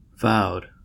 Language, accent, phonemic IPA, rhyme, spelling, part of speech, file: English, US, /vaʊd/, -aʊd, vowed, verb / adjective, En-us-vowed.ogg
- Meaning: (verb) past participle of vow; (adjective) Undertaken in accordance with a vow; solemnly promised